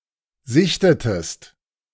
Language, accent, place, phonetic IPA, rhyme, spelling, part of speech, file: German, Germany, Berlin, [ˈzɪçtətəst], -ɪçtətəst, sichtetest, verb, De-sichtetest.ogg
- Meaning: inflection of sichten: 1. second-person singular preterite 2. second-person singular subjunctive II